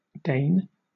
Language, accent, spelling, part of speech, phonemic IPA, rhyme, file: English, Southern England, Dane, noun / proper noun, /deɪn/, -eɪn, LL-Q1860 (eng)-Dane.wav
- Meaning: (noun) A person from Denmark or of Danish descent